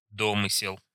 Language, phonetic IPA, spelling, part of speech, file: Russian, [ˈdomɨsʲɪɫ], домысел, noun, Ru-домысел.ogg
- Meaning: unsubstantiated supposition, guesswork, speculation